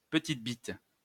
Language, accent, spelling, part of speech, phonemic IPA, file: French, France, petite bite, noun, /pə.tit bit/, LL-Q150 (fra)-petite bite.wav
- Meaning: pansy, chickenshit (person with little courage or bravery)